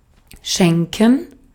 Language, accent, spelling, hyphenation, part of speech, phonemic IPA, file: German, Austria, schenken, schen‧ken, verb, /ˈʃɛŋkən/, De-at-schenken.ogg
- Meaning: 1. to give as a present, to gift 2. to spare one(self) (something) 3. to pour from a vessel, to serve